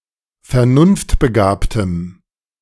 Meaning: strong dative masculine/neuter singular of vernunftbegabt
- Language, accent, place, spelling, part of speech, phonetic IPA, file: German, Germany, Berlin, vernunftbegabtem, adjective, [fɛɐ̯ˈnʊnftbəˌɡaːptəm], De-vernunftbegabtem.ogg